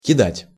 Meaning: 1. to throw, to cast, to fling 2. to abandon, to leave behind (someone) 3. to cheat, to swindle
- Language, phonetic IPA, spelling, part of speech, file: Russian, [kʲɪˈdatʲ], кидать, verb, Ru-кидать.ogg